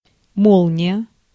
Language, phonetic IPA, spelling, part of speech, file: Russian, [ˈmoɫnʲɪjə], молния, noun, Ru-молния.ogg
- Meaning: 1. lightning 2. zipper, zip, zip fastener 3. express telegram 4. cigarette lighter 5. Molniya 1 (the first Soviet communications satellite) 6. Molnija (Soviet and Russian watch brand)